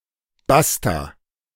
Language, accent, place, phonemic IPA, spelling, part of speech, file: German, Germany, Berlin, /ˈbasta/, basta, interjection, De-basta.ogg
- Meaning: period, end of discussion